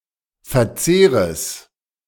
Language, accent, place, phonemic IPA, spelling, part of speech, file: German, Germany, Berlin, /fɛɐ̯ˈtseːʁəs/, Verzehres, noun, De-Verzehres.ogg
- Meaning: genitive singular of Verzehr